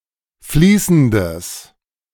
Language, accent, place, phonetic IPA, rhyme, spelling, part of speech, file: German, Germany, Berlin, [ˈfliːsn̩dəs], -iːsn̩dəs, fließendes, adjective, De-fließendes.ogg
- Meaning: strong/mixed nominative/accusative neuter singular of fließend